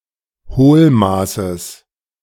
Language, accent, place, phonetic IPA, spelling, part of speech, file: German, Germany, Berlin, [ˈhoːlˌmaːsəs], Hohlmaßes, noun, De-Hohlmaßes.ogg
- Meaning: genitive singular of Hohlmaß